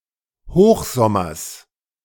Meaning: genitive of Hochsommer
- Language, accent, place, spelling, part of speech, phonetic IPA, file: German, Germany, Berlin, Hochsommers, noun, [ˈhoːxzɔmɐs], De-Hochsommers.ogg